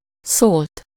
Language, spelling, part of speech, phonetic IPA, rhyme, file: Hungarian, szólt, verb, [ˈsoːlt], -oːlt, Hu-szólt.ogg
- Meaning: 1. third-person singular indicative past indefinite of szól 2. past participle of szól